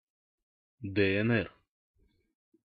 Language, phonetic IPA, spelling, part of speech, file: Russian, [dɛ ɛn ˈɛr], ДНР, proper noun, Ru-ДНР.ogg
- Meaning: initialism of Доне́цкая Наро́дная Респу́блика (Donéckaja Naródnaja Respúblika, “Donetsk People's Republic”)